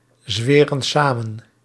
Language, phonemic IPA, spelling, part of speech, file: Dutch, /ˈzwerə(n) ˈsamə(n)/, zweren samen, verb, Nl-zweren samen.ogg
- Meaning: inflection of samenzweren: 1. plural present indicative 2. plural present subjunctive